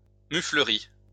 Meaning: boorishness
- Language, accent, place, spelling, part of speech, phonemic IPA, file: French, France, Lyon, muflerie, noun, /my.flə.ʁi/, LL-Q150 (fra)-muflerie.wav